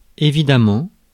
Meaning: of course, evidently, obviously
- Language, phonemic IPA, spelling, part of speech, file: French, /e.vi.da.mɑ̃/, évidemment, adverb, Fr-évidemment.ogg